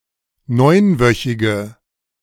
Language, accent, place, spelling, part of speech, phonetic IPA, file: German, Germany, Berlin, neunwöchige, adjective, [ˈnɔɪ̯nˌvœçɪɡə], De-neunwöchige.ogg
- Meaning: inflection of neunwöchig: 1. strong/mixed nominative/accusative feminine singular 2. strong nominative/accusative plural 3. weak nominative all-gender singular